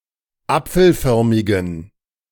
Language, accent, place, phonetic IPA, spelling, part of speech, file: German, Germany, Berlin, [ˈap͡fl̩ˌfœʁmɪɡn̩], apfelförmigen, adjective, De-apfelförmigen.ogg
- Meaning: inflection of apfelförmig: 1. strong genitive masculine/neuter singular 2. weak/mixed genitive/dative all-gender singular 3. strong/weak/mixed accusative masculine singular 4. strong dative plural